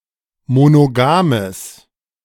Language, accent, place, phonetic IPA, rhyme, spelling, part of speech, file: German, Germany, Berlin, [monoˈɡaːməs], -aːməs, monogames, adjective, De-monogames.ogg
- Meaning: strong/mixed nominative/accusative neuter singular of monogam